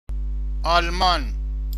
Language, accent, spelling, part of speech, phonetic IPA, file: Persian, Iran, آلمان, proper noun, [ʔɒːl.mɒ́ːn], Fa-آلمان.ogg
- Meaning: Germany (a country in Central Europe)